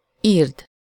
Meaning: second-person singular subjunctive present definite of ír
- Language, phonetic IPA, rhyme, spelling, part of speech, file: Hungarian, [ˈiːrd], -iːrd, írd, verb, Hu-írd.ogg